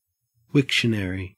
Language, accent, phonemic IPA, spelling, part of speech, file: English, Australia, /ˈwɪk.ʃə.nə.ɹiː/, Wiktionary, proper noun, En-au-Wiktionary.ogg
- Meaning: A collaborative project run by the Wikimedia Foundation to produce a free and complete dictionary in every language; the dictionaries, collectively, produced by that project